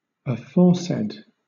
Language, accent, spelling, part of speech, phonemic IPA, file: English, Southern England, aforesaid, adjective, /əˈfɔːsɛd/, LL-Q1860 (eng)-aforesaid.wav
- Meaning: Previously stated; said or named before